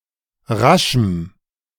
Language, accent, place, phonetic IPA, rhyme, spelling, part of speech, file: German, Germany, Berlin, [ˈʁaʃm̩], -aʃm̩, raschem, adjective, De-raschem.ogg
- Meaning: strong dative masculine/neuter singular of rasch